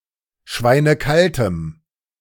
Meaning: strong dative masculine/neuter singular of schweinekalt
- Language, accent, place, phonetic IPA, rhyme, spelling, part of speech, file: German, Germany, Berlin, [ˈʃvaɪ̯nəˈkaltəm], -altəm, schweinekaltem, adjective, De-schweinekaltem.ogg